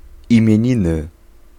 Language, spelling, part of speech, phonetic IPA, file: Polish, imieniny, noun, [ˌĩmʲjɛ̇̃ˈɲĩnɨ], Pl-imieniny.ogg